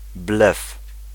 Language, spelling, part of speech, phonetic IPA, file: Polish, blef, noun, [blɛf], Pl-blef.ogg